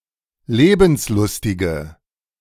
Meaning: inflection of lebenslustig: 1. strong/mixed nominative/accusative feminine singular 2. strong nominative/accusative plural 3. weak nominative all-gender singular
- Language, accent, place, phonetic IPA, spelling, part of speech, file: German, Germany, Berlin, [ˈleːbn̩sˌlʊstɪɡə], lebenslustige, adjective, De-lebenslustige.ogg